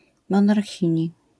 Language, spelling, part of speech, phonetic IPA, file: Polish, monarchini, noun, [ˌmɔ̃narˈxʲĩɲi], LL-Q809 (pol)-monarchini.wav